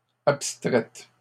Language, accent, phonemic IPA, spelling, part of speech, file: French, Canada, /ap.stʁɛt/, abstraite, adjective, LL-Q150 (fra)-abstraite.wav
- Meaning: feminine singular of abstrait